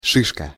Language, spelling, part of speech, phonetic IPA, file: Russian, шишка, noun, [ˈʂɨʂkə], Ru-шишка.ogg
- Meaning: 1. cone, strobilus (fruit of conifers) 2. bump, bunion 3. boss